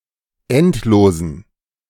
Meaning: inflection of endlos: 1. strong genitive masculine/neuter singular 2. weak/mixed genitive/dative all-gender singular 3. strong/weak/mixed accusative masculine singular 4. strong dative plural
- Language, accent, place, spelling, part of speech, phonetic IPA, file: German, Germany, Berlin, endlosen, adjective, [ˈɛntˌloːzn̩], De-endlosen.ogg